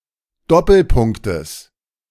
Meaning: genitive singular of Doppelpunkt
- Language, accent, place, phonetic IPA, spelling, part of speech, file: German, Germany, Berlin, [ˈdɔpl̩ˌpʊŋktəs], Doppelpunktes, noun, De-Doppelpunktes.ogg